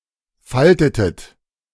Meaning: inflection of falten: 1. second-person plural preterite 2. second-person plural subjunctive II
- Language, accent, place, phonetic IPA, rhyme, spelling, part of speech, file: German, Germany, Berlin, [ˈfaltətət], -altətət, faltetet, verb, De-faltetet.ogg